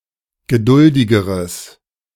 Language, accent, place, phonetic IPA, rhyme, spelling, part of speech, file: German, Germany, Berlin, [ɡəˈdʊldɪɡəʁəs], -ʊldɪɡəʁəs, geduldigeres, adjective, De-geduldigeres.ogg
- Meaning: strong/mixed nominative/accusative neuter singular comparative degree of geduldig